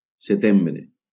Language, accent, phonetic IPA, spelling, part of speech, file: Catalan, Valencia, [seˈtem.bɾe], setembre, noun, LL-Q7026 (cat)-setembre.wav
- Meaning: September